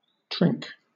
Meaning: 1. A kind of fishing net that is attached to a post or anchor; set net 2. A fisherman who uses a trink
- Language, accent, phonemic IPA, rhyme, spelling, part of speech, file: English, Southern England, /tɹɪŋk/, -ɪŋk, trink, noun, LL-Q1860 (eng)-trink.wav